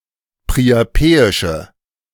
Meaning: inflection of priapeisch: 1. strong/mixed nominative/accusative feminine singular 2. strong nominative/accusative plural 3. weak nominative all-gender singular
- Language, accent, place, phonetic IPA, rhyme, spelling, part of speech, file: German, Germany, Berlin, [pʁiaˈpeːɪʃə], -eːɪʃə, priapeische, adjective, De-priapeische.ogg